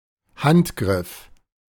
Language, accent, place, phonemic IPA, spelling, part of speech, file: German, Germany, Berlin, /ˈhantˌɡʁɪf/, Handgriff, noun, De-Handgriff.ogg
- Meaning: handgrip